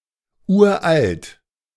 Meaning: very old, ancient
- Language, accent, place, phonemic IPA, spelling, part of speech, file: German, Germany, Berlin, /ˈʔuːɐ̯ʔalt/, uralt, adjective, De-uralt.ogg